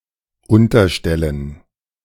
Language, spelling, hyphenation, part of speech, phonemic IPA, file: German, unterstellen, un‧ter‧stel‧len, verb, /ˈʊntɐˌʃtɛlən/, De-unterstellen2.ogg
- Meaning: to put beneath, to shelter under